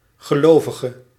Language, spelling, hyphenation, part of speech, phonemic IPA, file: Dutch, gelovige, ge‧lo‧vi‧ge, noun / adjective, /ɣəˈloːvəɣə/, Nl-gelovige.ogg
- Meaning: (noun) believer, convert; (adjective) inflection of gelovig: 1. masculine/feminine singular attributive 2. definite neuter singular attributive 3. plural attributive